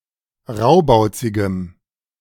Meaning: strong dative masculine/neuter singular of raubauzig
- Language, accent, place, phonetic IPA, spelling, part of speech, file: German, Germany, Berlin, [ˈʁaʊ̯baʊ̯t͡sɪɡəm], raubauzigem, adjective, De-raubauzigem.ogg